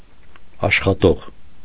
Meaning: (verb) subject participle of աշխատել (ašxatel); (noun) worker, employee
- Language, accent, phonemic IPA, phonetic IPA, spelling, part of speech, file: Armenian, Eastern Armenian, /ɑʃχɑˈtoʁ/, [ɑʃχɑtóʁ], աշխատող, verb / noun, Hy-աշխատող .ogg